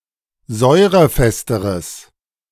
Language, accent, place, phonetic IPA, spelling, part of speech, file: German, Germany, Berlin, [ˈzɔɪ̯ʁəˌfɛstəʁəs], säurefesteres, adjective, De-säurefesteres.ogg
- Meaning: strong/mixed nominative/accusative neuter singular comparative degree of säurefest